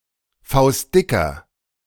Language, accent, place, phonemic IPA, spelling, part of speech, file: German, Germany, Berlin, /ˈfaʊ̯stˌdɪkɐ/, faustdicker, adjective, De-faustdicker.ogg
- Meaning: inflection of faustdick: 1. masculine nominative singular strong/mixed 2. feminine genitive/dative singular strong 3. genitive plural strong 4. comparative degree